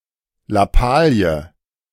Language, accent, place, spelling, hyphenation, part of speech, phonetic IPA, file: German, Germany, Berlin, Lappalie, Lap‧pa‧lie, noun, [laˈpaːli̯ə], De-Lappalie.ogg
- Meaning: bagatelle, trifle, minor thing